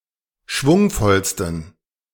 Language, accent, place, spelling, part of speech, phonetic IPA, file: German, Germany, Berlin, schwungvollsten, adjective, [ˈʃvʊŋfɔlstn̩], De-schwungvollsten.ogg
- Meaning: 1. superlative degree of schwungvoll 2. inflection of schwungvoll: strong genitive masculine/neuter singular superlative degree